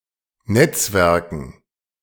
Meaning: dative plural of Netzwerk
- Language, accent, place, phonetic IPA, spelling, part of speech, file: German, Germany, Berlin, [ˈnɛt͡sˌvɛʁkn̩], Netzwerken, noun, De-Netzwerken.ogg